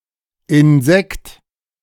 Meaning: insect
- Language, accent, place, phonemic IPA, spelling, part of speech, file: German, Germany, Berlin, /ɪnˈzɛkt/, Insekt, noun, De-Insekt.ogg